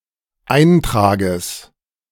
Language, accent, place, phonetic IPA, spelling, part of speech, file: German, Germany, Berlin, [ˈaɪ̯ntʁaːɡəs], Eintrages, noun, De-Eintrages.ogg
- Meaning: genitive singular of Eintrag